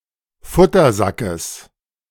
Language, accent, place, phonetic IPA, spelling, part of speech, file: German, Germany, Berlin, [ˈfʊtɐˌzakəs], Futtersackes, noun, De-Futtersackes.ogg
- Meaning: genitive of Futtersack